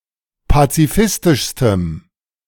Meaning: strong dative masculine/neuter singular superlative degree of pazifistisch
- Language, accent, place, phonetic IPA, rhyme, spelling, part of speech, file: German, Germany, Berlin, [pat͡siˈfɪstɪʃstəm], -ɪstɪʃstəm, pazifistischstem, adjective, De-pazifistischstem.ogg